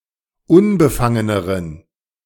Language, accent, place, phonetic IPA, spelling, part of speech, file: German, Germany, Berlin, [ˈʊnbəˌfaŋənəʁən], unbefangeneren, adjective, De-unbefangeneren.ogg
- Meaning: inflection of unbefangen: 1. strong genitive masculine/neuter singular comparative degree 2. weak/mixed genitive/dative all-gender singular comparative degree